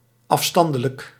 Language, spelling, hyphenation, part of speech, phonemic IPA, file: Dutch, afstandelijk, af‧stan‧de‧lijk, adjective, /ˌɑfˈstɑn.də.lək/, Nl-afstandelijk.ogg
- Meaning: standoffish, aloof, distant (cold, unfriendly)